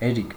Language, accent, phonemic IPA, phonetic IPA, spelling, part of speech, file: Armenian, Eastern Armenian, /eˈɾik/, [eɾík], Էրիկ, proper noun, Hy-Էրիկ.ogg
- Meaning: a male given name, Erik, equivalent to English Eric